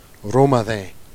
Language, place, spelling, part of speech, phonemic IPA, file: Jèrriais, Jersey, romathîn, noun, /ro.maˈðẽ/, Jer-Romathîn.ogg
- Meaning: rosemary (Salvia rosmarinus, syn. Rosmarinus officinalis)